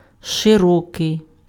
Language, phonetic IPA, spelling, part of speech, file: Ukrainian, [ʃeˈrɔkei̯], широкий, adjective, Uk-широкий.ogg
- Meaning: 1. wide, broad 2. broad, extensive